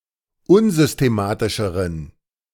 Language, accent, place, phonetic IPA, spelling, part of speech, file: German, Germany, Berlin, [ˈʊnzʏsteˌmaːtɪʃəʁən], unsystematischeren, adjective, De-unsystematischeren.ogg
- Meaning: inflection of unsystematisch: 1. strong genitive masculine/neuter singular comparative degree 2. weak/mixed genitive/dative all-gender singular comparative degree